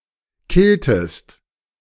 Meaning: inflection of killen: 1. second-person singular preterite 2. second-person singular subjunctive II
- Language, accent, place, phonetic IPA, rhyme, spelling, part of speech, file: German, Germany, Berlin, [ˈkɪltəst], -ɪltəst, killtest, verb, De-killtest.ogg